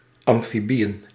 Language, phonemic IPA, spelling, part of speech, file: Dutch, /ˌɑmfiˈbijə(n)/, amfibieën, noun, Nl-amfibieën.ogg
- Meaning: plural of amfibie